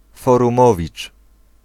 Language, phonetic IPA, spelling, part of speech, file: Polish, [ˌfɔrũˈmɔvʲit͡ʃ], forumowicz, noun, Pl-forumowicz.ogg